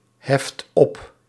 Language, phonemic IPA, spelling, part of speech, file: Dutch, /ˈhɛft ˈɔp/, heft op, verb, Nl-heft op.ogg
- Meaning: inflection of opheffen: 1. second/third-person singular present indicative 2. plural imperative